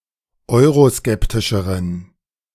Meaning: inflection of euroskeptisch: 1. strong genitive masculine/neuter singular comparative degree 2. weak/mixed genitive/dative all-gender singular comparative degree
- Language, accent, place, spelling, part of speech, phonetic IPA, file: German, Germany, Berlin, euroskeptischeren, adjective, [ˈɔɪ̯ʁoˌskɛptɪʃəʁən], De-euroskeptischeren.ogg